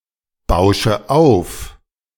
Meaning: inflection of aufbauschen: 1. first-person singular present 2. first/third-person singular subjunctive I 3. singular imperative
- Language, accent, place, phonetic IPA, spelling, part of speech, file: German, Germany, Berlin, [ˌbaʊ̯ʃə ˈaʊ̯f], bausche auf, verb, De-bausche auf.ogg